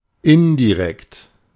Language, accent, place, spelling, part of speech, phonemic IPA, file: German, Germany, Berlin, indirekt, adjective / adverb, /ˈɪndiˌʁɛkt/, De-indirekt.ogg
- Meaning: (adjective) 1. indirect 2. implied, implicit 3. vicarious; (adverb) 1. indirectly 2. implicitly 3. vicariously